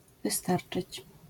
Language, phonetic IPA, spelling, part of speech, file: Polish, [vɨˈstart͡ʃɨt͡ɕ], wystarczyć, verb, LL-Q809 (pol)-wystarczyć.wav